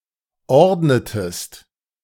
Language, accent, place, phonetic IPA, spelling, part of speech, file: German, Germany, Berlin, [ˈɔʁdnətəst], ordnetest, verb, De-ordnetest.ogg
- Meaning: inflection of ordnen: 1. second-person singular preterite 2. second-person singular subjunctive II